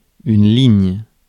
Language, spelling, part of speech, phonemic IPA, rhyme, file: French, ligne, noun, /liɲ/, -iɲ, Fr-ligne.ogg
- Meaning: 1. line 2. route, course, service, line 3. cable 4. row (in a table) 5. figure